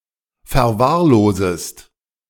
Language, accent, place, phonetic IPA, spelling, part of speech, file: German, Germany, Berlin, [fɛɐ̯ˈvaːɐ̯ˌloːzəst], verwahrlosest, verb, De-verwahrlosest.ogg
- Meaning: second-person singular subjunctive I of verwahrlosen